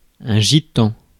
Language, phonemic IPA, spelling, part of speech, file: French, /ʒi.tɑ̃/, gitan, adjective / noun, Fr-gitan.ogg
- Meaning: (adjective) gypsy